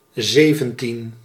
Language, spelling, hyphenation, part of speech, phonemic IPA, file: Dutch, zeventien, ze‧ven‧tien, numeral, /ˈzeːvə(n)tin/, Nl-zeventien.ogg
- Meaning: seventeen